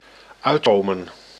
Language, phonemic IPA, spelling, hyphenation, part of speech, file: Dutch, /ˈœy̯tˌkoː.mə(n)/, uitkomen, uit‧ko‧men, verb, Nl-uitkomen.ogg
- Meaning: 1. to be able to figure out or find a solution for 2. to come out right, to fit together, to be solvable, to have a result or solution 3. to be fitting, to be convenient 4. to hatch 5. to come true